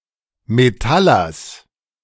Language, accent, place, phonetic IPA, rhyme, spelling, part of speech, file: German, Germany, Berlin, [meˈtalɐs], -alɐs, Metallers, noun, De-Metallers.ogg
- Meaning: genitive singular of Metaller